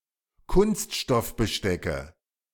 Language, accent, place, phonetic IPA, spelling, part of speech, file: German, Germany, Berlin, [ˈkʊnstʃtɔfbəˌʃtɛkə], Kunststoffbestecke, noun, De-Kunststoffbestecke.ogg
- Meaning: nominative/accusative/genitive plural of Kunststoffbesteck